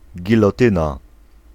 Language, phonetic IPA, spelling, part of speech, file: Polish, [ˌɟilɔˈtɨ̃na], gilotyna, noun, Pl-gilotyna.ogg